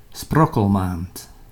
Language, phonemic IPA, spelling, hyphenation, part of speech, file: Dutch, /ˈsprɔ.kəlˌmaːnt/, sprokkelmaand, sprok‧kel‧maand, noun, Nl-sprokkelmaand.ogg
- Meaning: February